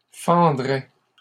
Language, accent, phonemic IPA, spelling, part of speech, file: French, Canada, /fɑ̃.dʁɛ/, fendraient, verb, LL-Q150 (fra)-fendraient.wav
- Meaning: third-person plural conditional of fendre